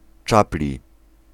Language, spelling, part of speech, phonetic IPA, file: Polish, czapli, adjective / noun, [ˈt͡ʃaplʲi], Pl-czapli.ogg